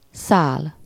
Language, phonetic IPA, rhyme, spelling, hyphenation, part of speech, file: Hungarian, [ˈsaːl], -aːl, szál, szál, noun, Hu-szál.ogg
- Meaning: thread (a long, thin and flexible form of material, generally with a round cross-section, used in sewing, weaving or in the construction of string; it can be used attributively preceded by a quantity)